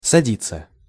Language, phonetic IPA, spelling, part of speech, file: Russian, [sɐˈdʲit͡sːə], садиться, verb, Ru-садиться.ogg
- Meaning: 1. to sit down, to sit up 2. to take, to board, to get on 3. to sit down to 4. to land, to alight 5. to be imprisoned 6. to shrink (about clothes after washing) 7. passive of сади́ть (sadítʹ)